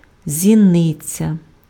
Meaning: pupil (of an eye)
- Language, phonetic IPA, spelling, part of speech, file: Ukrainian, [zʲiˈnɪt͡sʲɐ], зіниця, noun, Uk-зіниця.ogg